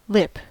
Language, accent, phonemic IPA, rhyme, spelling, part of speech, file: English, General American, /lɪp/, -ɪp, lip, noun / verb, En-us-lip.ogg
- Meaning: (noun) 1. Either of the two fleshy protrusions around the opening of the mouth 2. A part of the body that resembles a lip, such as the edge of a wound or the labia